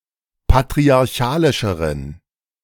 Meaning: inflection of patriarchalisch: 1. strong genitive masculine/neuter singular comparative degree 2. weak/mixed genitive/dative all-gender singular comparative degree
- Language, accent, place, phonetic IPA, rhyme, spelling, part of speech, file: German, Germany, Berlin, [patʁiaʁˈçaːlɪʃəʁən], -aːlɪʃəʁən, patriarchalischeren, adjective, De-patriarchalischeren.ogg